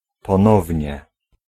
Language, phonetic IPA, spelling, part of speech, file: Polish, [pɔ̃ˈnɔvʲɲɛ], ponownie, adverb, Pl-ponownie.ogg